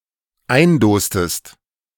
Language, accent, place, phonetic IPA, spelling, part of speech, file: German, Germany, Berlin, [ˈaɪ̯nˌdoːstəst], eindostest, verb, De-eindostest.ogg
- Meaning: inflection of eindosen: 1. second-person singular dependent preterite 2. second-person singular dependent subjunctive II